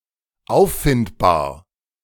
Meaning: traceable, findable, discoverable
- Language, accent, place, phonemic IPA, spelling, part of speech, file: German, Germany, Berlin, /ˈaʊ̯ffɪntbaːɐ̯/, auffindbar, adjective, De-auffindbar.ogg